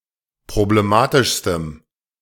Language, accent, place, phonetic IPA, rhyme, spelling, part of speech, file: German, Germany, Berlin, [pʁobleˈmaːtɪʃstəm], -aːtɪʃstəm, problematischstem, adjective, De-problematischstem.ogg
- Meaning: strong dative masculine/neuter singular superlative degree of problematisch